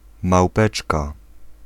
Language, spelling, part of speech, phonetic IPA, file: Polish, małpeczka, noun, [mawˈpɛt͡ʃka], Pl-małpeczka.ogg